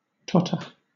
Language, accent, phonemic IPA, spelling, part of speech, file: English, Southern England, /ˈtɒtə/, totter, verb / noun, LL-Q1860 (eng)-totter.wav
- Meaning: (verb) 1. To walk, move or stand unsteadily or falteringly; threatening to fall 2. To be on the brink of collapse 3. To collect junk or scrap; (noun) An unsteady movement or gait